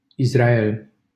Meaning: Israel (a country in Western Asia in the Middle East, at the eastern shore of the Mediterranean)
- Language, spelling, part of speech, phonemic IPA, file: Romanian, Israel, proper noun, /is.ra.ˈel/, LL-Q7913 (ron)-Israel.wav